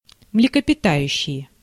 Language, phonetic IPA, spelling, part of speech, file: Russian, [mlʲɪkəpʲɪˈtajʉɕːɪje], млекопитающие, noun, Ru-млекопитающие.ogg
- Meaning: nominative plural of млекопита́ющее (mlekopitájuščeje)